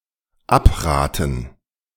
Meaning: to discourage, dissuade
- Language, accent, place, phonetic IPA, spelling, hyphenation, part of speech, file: German, Germany, Berlin, [ˈapˌʁaːtən], abraten, ab‧ra‧ten, verb, De-abraten.ogg